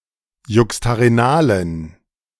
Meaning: inflection of juxtarenal: 1. strong genitive masculine/neuter singular 2. weak/mixed genitive/dative all-gender singular 3. strong/weak/mixed accusative masculine singular 4. strong dative plural
- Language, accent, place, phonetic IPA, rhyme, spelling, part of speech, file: German, Germany, Berlin, [ˌjʊkstaʁeˈnaːlən], -aːlən, juxtarenalen, adjective, De-juxtarenalen.ogg